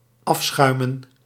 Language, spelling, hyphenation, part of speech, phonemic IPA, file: Dutch, afschuimen, af‧schui‧men, verb, /ˈɑfˌsxœy̯.mə(n)/, Nl-afschuimen.ogg
- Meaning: 1. to remove foam 2. to remove impurities (from) 3. to plunder, to rob 4. to rummage, to scour